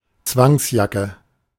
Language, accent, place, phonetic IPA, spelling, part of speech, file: German, Germany, Berlin, [ˈt͡svaŋsˌjakə], Zwangsjacke, noun, De-Zwangsjacke.ogg
- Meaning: straitjacket